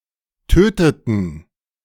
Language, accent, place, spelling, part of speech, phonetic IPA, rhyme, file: German, Germany, Berlin, töteten, verb, [ˈtøːtətn̩], -øːtətn̩, De-töteten.ogg
- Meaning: inflection of töten: 1. first/third-person plural preterite 2. first/third-person plural subjunctive II